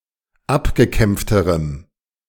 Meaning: strong dative masculine/neuter singular comparative degree of abgekämpft
- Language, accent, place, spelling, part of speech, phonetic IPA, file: German, Germany, Berlin, abgekämpfterem, adjective, [ˈapɡəˌkɛmp͡ftəʁəm], De-abgekämpfterem.ogg